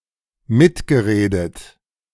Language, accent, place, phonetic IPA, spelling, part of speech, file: German, Germany, Berlin, [ˈmɪtɡəˌʁeːdət], mitgeredet, verb, De-mitgeredet.ogg
- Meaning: past participle of mitreden